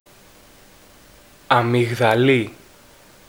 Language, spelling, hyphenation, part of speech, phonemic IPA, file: Greek, αμυγδαλή, α‧μυ‧γδα‧λή, noun, /amiɣðaˈli/, Ell-Amigdali.ogg
- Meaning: 1. amygdala (part of brain) 2. tonsil 3. almond